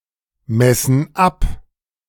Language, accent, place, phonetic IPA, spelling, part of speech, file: German, Germany, Berlin, [ˌmɛsn̩ ˈap], messen ab, verb, De-messen ab.ogg
- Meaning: inflection of abmessen: 1. first/third-person plural present 2. first/third-person plural subjunctive I